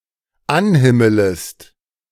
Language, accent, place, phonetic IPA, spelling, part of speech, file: German, Germany, Berlin, [ˈanˌhɪmələst], anhimmelest, verb, De-anhimmelest.ogg
- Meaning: second-person singular dependent subjunctive I of anhimmeln